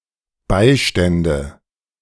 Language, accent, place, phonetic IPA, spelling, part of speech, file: German, Germany, Berlin, [ˈbaɪ̯ˌʃtɛndə], Beistände, noun, De-Beistände.ogg
- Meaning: nominative/accusative/genitive plural of Beistand